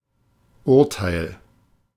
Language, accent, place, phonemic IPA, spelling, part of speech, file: German, Germany, Berlin, /ˈʊʁtaɪ̯l/, Urteil, noun, De-Urteil.ogg
- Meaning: 1. judgment (the preferred spelling in a legal context), verdict, sentence (court decision) 2. judgement, opinion, usually one given after detailed consideration